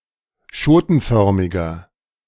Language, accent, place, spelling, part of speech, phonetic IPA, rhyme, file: German, Germany, Berlin, schotenförmiger, adjective, [ˈʃoːtn̩ˌfœʁmɪɡɐ], -oːtn̩fœʁmɪɡɐ, De-schotenförmiger.ogg
- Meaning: inflection of schotenförmig: 1. strong/mixed nominative masculine singular 2. strong genitive/dative feminine singular 3. strong genitive plural